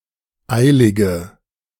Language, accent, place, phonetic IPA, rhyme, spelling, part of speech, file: German, Germany, Berlin, [ˈaɪ̯lɪɡə], -aɪ̯lɪɡə, eilige, adjective, De-eilige.ogg
- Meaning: inflection of eilig: 1. strong/mixed nominative/accusative feminine singular 2. strong nominative/accusative plural 3. weak nominative all-gender singular 4. weak accusative feminine/neuter singular